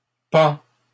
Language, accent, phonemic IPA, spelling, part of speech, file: French, Canada, /pɑ̃/, pend, verb, LL-Q150 (fra)-pend.wav
- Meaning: third-person singular present indicative of pendre